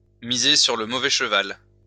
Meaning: to back the wrong horse
- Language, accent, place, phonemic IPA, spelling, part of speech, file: French, France, Lyon, /mi.ze syʁ lə mo.vɛ ʃ(ə).val/, miser sur le mauvais cheval, verb, LL-Q150 (fra)-miser sur le mauvais cheval.wav